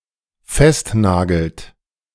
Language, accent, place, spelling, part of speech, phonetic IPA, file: German, Germany, Berlin, festnagelt, verb, [ˈfɛstˌnaːɡl̩t], De-festnagelt.ogg
- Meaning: inflection of festnageln: 1. third-person singular dependent present 2. second-person plural dependent present